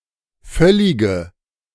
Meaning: inflection of völlig: 1. strong/mixed nominative/accusative feminine singular 2. strong nominative/accusative plural 3. weak nominative all-gender singular 4. weak accusative feminine/neuter singular
- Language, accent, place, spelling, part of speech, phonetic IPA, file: German, Germany, Berlin, völlige, adjective, [ˈfœlɪɡə], De-völlige.ogg